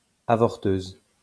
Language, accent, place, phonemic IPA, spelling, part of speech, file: French, France, Lyon, /a.vɔʁ.tøz/, avorteuse, noun, LL-Q150 (fra)-avorteuse.wav
- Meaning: female equivalent of avorteur